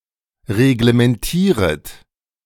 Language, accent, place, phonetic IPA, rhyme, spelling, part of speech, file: German, Germany, Berlin, [ʁeɡləmɛnˈtiːʁət], -iːʁət, reglementieret, verb, De-reglementieret.ogg
- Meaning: second-person plural subjunctive I of reglementieren